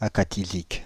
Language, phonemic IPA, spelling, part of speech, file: French, /a.ka.ti.zik/, acathisique, adjective, Fr-acathisique.ogg
- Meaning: akathisic